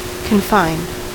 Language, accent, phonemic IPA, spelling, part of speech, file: English, US, /kənˈfaɪnd/, confined, adjective / verb, En-us-confined.ogg
- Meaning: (adjective) 1. Not free to move 2. Limited; narrow; restricted 3. In a childbed; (verb) simple past and past participle of confine